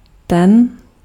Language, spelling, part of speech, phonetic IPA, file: Czech, ten, pronoun, [ˈtɛn], Cs-ten.ogg
- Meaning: the, this, that